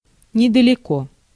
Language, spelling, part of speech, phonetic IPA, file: Russian, недалеко, adverb / adjective, [nʲɪdəlʲɪˈko], Ru-недалеко.ogg
- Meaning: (adverb) not far, not far off, nearby, close; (adjective) short neuter singular of недалёкий (nedaljókij)